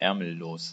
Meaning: sleeveless (of a garment, having no sleeves)
- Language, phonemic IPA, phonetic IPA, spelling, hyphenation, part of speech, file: German, /ˈɛʁməˌloːs/, [ˈʔɛʁməˌloːs], ärmellos, är‧mel‧los, adjective, De-ärmellos.ogg